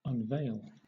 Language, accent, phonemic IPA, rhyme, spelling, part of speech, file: English, Southern England, /ʌnˈveɪl/, -eɪl, unveil, verb, LL-Q1860 (eng)-unveil.wav
- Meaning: 1. To remove a veil from; to uncover; to reveal something hidden 2. To show, especially for the first time 3. To remove a veil; to reveal oneself